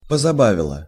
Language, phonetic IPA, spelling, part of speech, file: Russian, [pəzɐˈbavʲɪɫə], позабавила, verb, Ru-позабавила.ogg
- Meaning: feminine singular past indicative perfective of позаба́вить (pozabávitʹ)